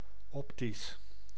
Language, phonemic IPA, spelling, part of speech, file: Dutch, /ˈɔptis/, optisch, adjective, Nl-optisch.ogg
- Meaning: optic, optical